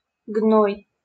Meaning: 1. pus 2. manure, dung
- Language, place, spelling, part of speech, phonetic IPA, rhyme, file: Russian, Saint Petersburg, гной, noun, [ɡnoj], -oj, LL-Q7737 (rus)-гной.wav